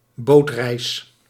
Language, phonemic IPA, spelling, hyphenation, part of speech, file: Dutch, /ˈboːt.rɛi̯s/, bootreis, boot‧reis, noun, Nl-bootreis.ogg
- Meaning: boat trip